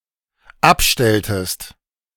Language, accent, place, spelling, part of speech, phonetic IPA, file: German, Germany, Berlin, abstelltest, verb, [ˈapˌʃtɛltəst], De-abstelltest.ogg
- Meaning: inflection of abstellen: 1. second-person singular dependent preterite 2. second-person singular dependent subjunctive II